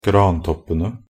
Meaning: definite plural of grantopp
- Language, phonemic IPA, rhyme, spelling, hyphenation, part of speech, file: Norwegian Bokmål, /ɡrɑːntɔpːənə/, -ənə, grantoppene, gran‧topp‧en‧e, noun, Nb-grantoppene.ogg